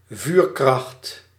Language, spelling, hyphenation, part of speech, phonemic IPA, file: Dutch, vuurkracht, vuur‧kracht, noun, /ˈvyːr.krɑxt/, Nl-vuurkracht.ogg
- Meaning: 1. firepower 2. the power of fire